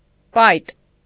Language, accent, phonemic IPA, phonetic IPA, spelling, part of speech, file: Armenian, Eastern Armenian, /pɑjt/, [pɑjt], պայտ, noun, Hy-պայտ.ogg
- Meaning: horseshoe